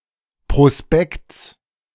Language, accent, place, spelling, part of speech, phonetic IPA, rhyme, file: German, Germany, Berlin, Prospekts, noun, [pʁoˈspɛkt͡s], -ɛkt͡s, De-Prospekts.ogg
- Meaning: genitive singular of Prospekt